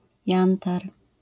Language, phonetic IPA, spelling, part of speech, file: Polish, [ˈjãntar], jantar, noun, LL-Q809 (pol)-jantar.wav